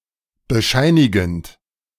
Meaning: present participle of bescheinigen
- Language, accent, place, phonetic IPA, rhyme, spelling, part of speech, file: German, Germany, Berlin, [bəˈʃaɪ̯nɪɡn̩t], -aɪ̯nɪɡn̩t, bescheinigend, verb, De-bescheinigend.ogg